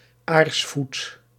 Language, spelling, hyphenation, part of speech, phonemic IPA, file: Dutch, aarsvoet, aars‧voet, noun, /ˈaːrs.fut/, Nl-aarsvoet.ogg
- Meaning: grebe, bird of the genus Podiceps